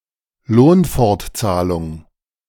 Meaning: sick pay (continued payment of wages in case of illness)
- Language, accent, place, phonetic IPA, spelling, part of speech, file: German, Germany, Berlin, [ˈloːnfɔʁtˌt͡saːlʊŋ], Lohnfortzahlung, noun, De-Lohnfortzahlung.ogg